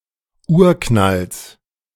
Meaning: genitive singular of Urknall
- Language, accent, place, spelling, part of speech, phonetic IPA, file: German, Germany, Berlin, Urknalls, noun, [ˈuːɐ̯ˌknals], De-Urknalls.ogg